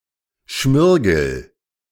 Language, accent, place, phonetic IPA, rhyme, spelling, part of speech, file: German, Germany, Berlin, [ˈʃmɪʁɡl̩], -ɪʁɡl̩, schmirgel, verb, De-schmirgel.ogg
- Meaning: inflection of schmirgeln: 1. first-person singular present 2. singular imperative